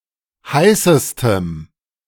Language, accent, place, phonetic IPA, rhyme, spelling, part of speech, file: German, Germany, Berlin, [ˈhaɪ̯səstəm], -aɪ̯səstəm, heißestem, adjective, De-heißestem.ogg
- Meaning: strong dative masculine/neuter singular superlative degree of heiß